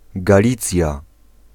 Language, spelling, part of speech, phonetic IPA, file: Polish, Galicja, proper noun, [ɡaˈlʲit͡sʲja], Pl-Galicja.ogg